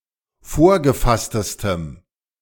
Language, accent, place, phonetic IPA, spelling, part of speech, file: German, Germany, Berlin, [ˈfoːɐ̯ɡəˌfastəstəm], vorgefasstestem, adjective, De-vorgefasstestem.ogg
- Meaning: strong dative masculine/neuter singular superlative degree of vorgefasst